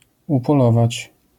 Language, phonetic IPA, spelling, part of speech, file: Polish, [ˌupɔˈlɔvat͡ɕ], upolować, verb, LL-Q809 (pol)-upolować.wav